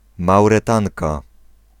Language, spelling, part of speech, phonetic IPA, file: Polish, Mauretanka, noun, [ˌmawrɛˈtãŋka], Pl-Mauretanka.ogg